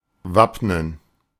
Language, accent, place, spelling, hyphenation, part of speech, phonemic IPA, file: German, Germany, Berlin, wappnen, wapp‧nen, verb, /ˈvapnən/, De-wappnen.ogg
- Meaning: 1. to prepare oneself, to arm oneself 2. to arm